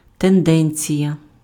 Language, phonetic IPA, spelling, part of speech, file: Ukrainian, [tenˈdɛnʲt͡sʲijɐ], тенденція, noun, Uk-тенденція.ogg
- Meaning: 1. tendency 2. trend 3. inclination, proclivity